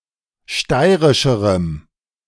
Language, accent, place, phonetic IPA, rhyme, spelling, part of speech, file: German, Germany, Berlin, [ˈʃtaɪ̯ʁɪʃəʁəm], -aɪ̯ʁɪʃəʁəm, steirischerem, adjective, De-steirischerem.ogg
- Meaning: strong dative masculine/neuter singular comparative degree of steirisch